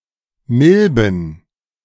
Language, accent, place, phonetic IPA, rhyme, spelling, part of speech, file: German, Germany, Berlin, [ˈmɪlbn̩], -ɪlbn̩, Milben, noun, De-Milben.ogg
- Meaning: plural of Milbe